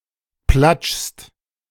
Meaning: second-person singular present of platschen
- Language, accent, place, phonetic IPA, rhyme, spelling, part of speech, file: German, Germany, Berlin, [plat͡ʃst], -at͡ʃst, platschst, verb, De-platschst.ogg